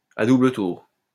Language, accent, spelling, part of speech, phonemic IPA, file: French, France, à double tour, adverb, /a du.blə tuʁ/, LL-Q150 (fra)-à double tour.wav
- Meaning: with two turns of the key